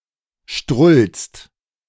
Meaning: second-person singular present of strullen
- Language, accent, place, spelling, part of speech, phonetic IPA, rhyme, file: German, Germany, Berlin, strullst, verb, [ʃtʁʊlst], -ʊlst, De-strullst.ogg